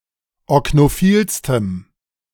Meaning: strong dative masculine/neuter singular superlative degree of oknophil
- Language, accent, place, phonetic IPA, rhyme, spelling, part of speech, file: German, Germany, Berlin, [ɔknoˈfiːlstəm], -iːlstəm, oknophilstem, adjective, De-oknophilstem.ogg